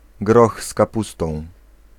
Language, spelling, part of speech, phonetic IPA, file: Polish, groch z kapustą, noun, [ˈɡrɔx s‿kaˈpustɔ̃w̃], Pl-groch z kapustą.ogg